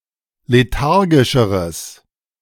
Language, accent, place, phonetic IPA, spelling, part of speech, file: German, Germany, Berlin, [leˈtaʁɡɪʃəʁəs], lethargischeres, adjective, De-lethargischeres.ogg
- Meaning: strong/mixed nominative/accusative neuter singular comparative degree of lethargisch